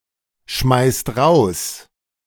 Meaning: inflection of rausschmeißen: 1. second/third-person singular present 2. second-person plural present 3. plural imperative
- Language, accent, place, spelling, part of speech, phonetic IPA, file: German, Germany, Berlin, schmeißt raus, verb, [ˌʃmaɪ̯st ˈʁaʊ̯s], De-schmeißt raus.ogg